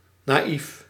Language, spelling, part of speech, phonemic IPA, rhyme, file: Dutch, naïef, adjective, /naːˈif/, -if, Nl-naïef.ogg
- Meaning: naive